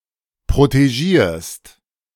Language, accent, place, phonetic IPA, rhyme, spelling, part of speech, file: German, Germany, Berlin, [pʁoteˈʒiːɐ̯st], -iːɐ̯st, protegierst, verb, De-protegierst.ogg
- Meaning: second-person singular present of protegieren